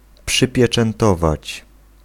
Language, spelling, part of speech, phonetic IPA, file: Polish, przypieczętować, verb, [ˌpʃɨpʲjɛt͡ʃɛ̃nˈtɔvat͡ɕ], Pl-przypieczętować.ogg